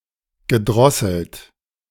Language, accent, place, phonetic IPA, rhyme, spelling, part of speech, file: German, Germany, Berlin, [ɡəˈdʁɔsl̩t], -ɔsl̩t, gedrosselt, verb, De-gedrosselt.ogg
- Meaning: past participle of drosseln